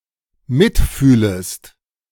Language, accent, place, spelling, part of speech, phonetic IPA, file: German, Germany, Berlin, mitfühlest, verb, [ˈmɪtˌfyːləst], De-mitfühlest.ogg
- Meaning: second-person singular dependent subjunctive I of mitfühlen